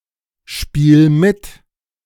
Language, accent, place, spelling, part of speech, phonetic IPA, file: German, Germany, Berlin, spiel mit, verb, [ˌʃpiːl ˈmɪt], De-spiel mit.ogg
- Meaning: 1. singular imperative of mitspielen 2. first-person singular present of mitspielen